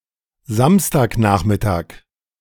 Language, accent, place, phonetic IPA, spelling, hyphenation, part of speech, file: German, Germany, Berlin, [ˈzamstaːkˌnaːχmɪtaːk], Samstagnachmittag, Sams‧tag‧nach‧mit‧tag, noun, De-Samstagnachmittag.ogg
- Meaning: Saturday afternoon